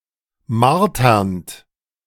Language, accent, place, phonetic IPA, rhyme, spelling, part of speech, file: German, Germany, Berlin, [ˈmaʁtɐnt], -aʁtɐnt, marternd, verb, De-marternd.ogg
- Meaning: present participle of martern